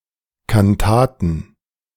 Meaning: plural of Kantate
- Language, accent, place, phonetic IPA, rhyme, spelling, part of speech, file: German, Germany, Berlin, [kanˈtaːtn̩], -aːtn̩, Kantaten, noun, De-Kantaten.ogg